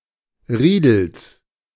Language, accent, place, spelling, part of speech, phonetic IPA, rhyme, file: German, Germany, Berlin, Riedels, noun, [ˈʁiːdl̩s], -iːdl̩s, De-Riedels.ogg
- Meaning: genitive singular of Riedel